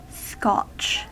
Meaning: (noun) 1. A surface cut or abrasion 2. A line drawn on the ground, as one used in playing hopscotch
- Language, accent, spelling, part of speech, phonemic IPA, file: English, US, scotch, noun / verb / adjective, /skɑt͡ʃ/, En-us-scotch.ogg